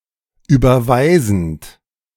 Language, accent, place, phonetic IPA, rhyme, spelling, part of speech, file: German, Germany, Berlin, [ˌyːbɐˈvaɪ̯zn̩t], -aɪ̯zn̩t, überweisend, verb, De-überweisend.ogg
- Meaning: present participle of überweisen